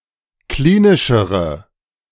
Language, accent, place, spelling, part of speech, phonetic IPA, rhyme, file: German, Germany, Berlin, klinischere, adjective, [ˈkliːnɪʃəʁə], -iːnɪʃəʁə, De-klinischere.ogg
- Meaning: inflection of klinisch: 1. strong/mixed nominative/accusative feminine singular comparative degree 2. strong nominative/accusative plural comparative degree